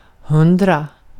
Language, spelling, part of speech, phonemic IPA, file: Swedish, hundra, numeral / adjective, /ˈhɵndra/, Sv-hundra.ogg
- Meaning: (numeral) hundred; 100 in arabic numerals; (adjective) absolutely sure, certain (short form of hundra procent säker "one hundred percent sure")